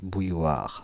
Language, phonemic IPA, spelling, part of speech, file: French, /buj.waʁ/, bouilloire, noun, Fr-bouilloire.ogg
- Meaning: kettle